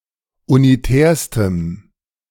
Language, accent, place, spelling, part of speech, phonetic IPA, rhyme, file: German, Germany, Berlin, unitärstem, adjective, [uniˈtɛːɐ̯stəm], -ɛːɐ̯stəm, De-unitärstem.ogg
- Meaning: strong dative masculine/neuter singular superlative degree of unitär